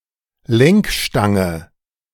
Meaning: handlebar
- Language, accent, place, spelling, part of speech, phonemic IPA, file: German, Germany, Berlin, Lenkstange, noun, /ˈlɛŋkˌʃtaŋə/, De-Lenkstange.ogg